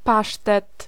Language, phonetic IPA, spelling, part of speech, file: Polish, [ˈpaʃtɛt], pasztet, noun, Pl-pasztet.ogg